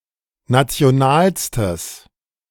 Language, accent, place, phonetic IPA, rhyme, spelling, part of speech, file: German, Germany, Berlin, [ˌnat͡si̯oˈnaːlstəs], -aːlstəs, nationalstes, adjective, De-nationalstes.ogg
- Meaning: strong/mixed nominative/accusative neuter singular superlative degree of national